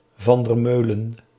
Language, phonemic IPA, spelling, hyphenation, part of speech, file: Dutch, /vɑn dər ˈmøː.lə(n)/, van der Meulen, van der Meu‧len, proper noun, Nl-van der Meulen.ogg
- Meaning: a surname